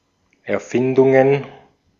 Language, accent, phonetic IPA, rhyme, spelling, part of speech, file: German, Austria, [ɛɐ̯ˈfɪndʊŋən], -ɪndʊŋən, Erfindungen, noun, De-at-Erfindungen.ogg
- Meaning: plural of Erfindung